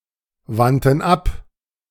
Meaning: first/third-person plural preterite of abwenden
- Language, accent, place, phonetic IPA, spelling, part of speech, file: German, Germany, Berlin, [ˌvantn̩ ˈap], wandten ab, verb, De-wandten ab.ogg